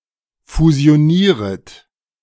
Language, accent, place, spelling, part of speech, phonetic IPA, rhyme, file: German, Germany, Berlin, fusionieret, verb, [fuzi̯oˈniːʁət], -iːʁət, De-fusionieret.ogg
- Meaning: second-person plural subjunctive I of fusionieren